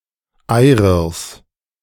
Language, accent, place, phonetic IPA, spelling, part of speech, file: German, Germany, Berlin, [ˈaɪ̯ʁɪʁs], Eyrirs, noun, De-Eyrirs.ogg
- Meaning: genitive singular of Eyrir